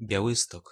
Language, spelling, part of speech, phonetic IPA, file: Polish, Białystok, proper noun, [bʲjaˈwɨstɔk], Pl-Białystok.ogg